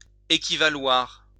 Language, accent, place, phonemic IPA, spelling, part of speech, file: French, France, Lyon, /e.ki.va.lwaʁ/, équivaloir, verb, LL-Q150 (fra)-équivaloir.wav
- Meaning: 1. to be equivalent 2. to be equivalent, to be the same